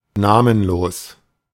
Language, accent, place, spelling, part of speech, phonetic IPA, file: German, Germany, Berlin, namenlos, adjective, [ˈnaːmənˌloːs], De-namenlos.ogg
- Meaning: nameless, innominate